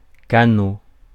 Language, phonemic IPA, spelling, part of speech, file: French, /ka.no/, canot, noun, Fr-canot.ogg
- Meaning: 1. dinghy (small boat) 2. canoe